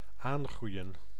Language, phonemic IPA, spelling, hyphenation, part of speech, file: Dutch, /ˈaːŋˌɣrui̯ə(n)/, aangroeien, aan‧groei‧en, verb, Nl-aangroeien.ogg
- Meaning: 1. to increase 2. to grow back